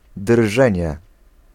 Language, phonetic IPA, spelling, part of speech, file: Polish, [ˈdrʒɛ̃ɲɛ], drżenie, noun, Pl-drżenie.ogg